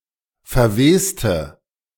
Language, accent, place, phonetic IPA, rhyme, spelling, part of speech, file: German, Germany, Berlin, [fɛɐ̯ˈveːstə], -eːstə, verweste, adjective / verb, De-verweste.ogg
- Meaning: inflection of verwesen: 1. first/third-person singular preterite 2. first/third-person singular subjunctive II